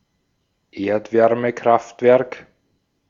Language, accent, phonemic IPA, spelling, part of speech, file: German, Austria, /ˈeːɐ̯tvɛʁməˌkʁaftvɛʁk/, Erdwärmekraftwerk, noun, De-at-Erdwärmekraftwerk.ogg
- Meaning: geothermal power plant